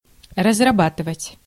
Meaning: 1. to work out, to elaborate, to develop, to design, to engineer, to devise 2. to exploit, to work up (mining) 3. to cultivate, to till 4. to exhaust, to use up
- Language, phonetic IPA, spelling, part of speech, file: Russian, [rəzrɐˈbatɨvətʲ], разрабатывать, verb, Ru-разрабатывать.ogg